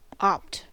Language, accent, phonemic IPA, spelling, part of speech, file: English, US, /ɑpt/, opt, verb, En-us-opt.ogg
- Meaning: To choose; select